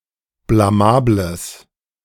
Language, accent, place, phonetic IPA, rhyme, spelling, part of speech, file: German, Germany, Berlin, [blaˈmaːbləs], -aːbləs, blamables, adjective, De-blamables.ogg
- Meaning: strong/mixed nominative/accusative neuter singular of blamabel